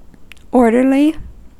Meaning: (adjective) 1. Neat and tidy; possessing order 2. Methodical or systematic 3. Peaceful; well-behaved 4. Being on duty; keeping order; conveying orders
- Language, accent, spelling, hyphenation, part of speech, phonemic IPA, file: English, US, orderly, or‧der‧ly, adjective / noun / adverb, /ˈɔɹdɚli/, En-us-orderly.ogg